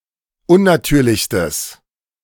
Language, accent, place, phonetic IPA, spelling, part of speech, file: German, Germany, Berlin, [ˈʊnnaˌtyːɐ̯lɪçstəs], unnatürlichstes, adjective, De-unnatürlichstes.ogg
- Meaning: strong/mixed nominative/accusative neuter singular superlative degree of unnatürlich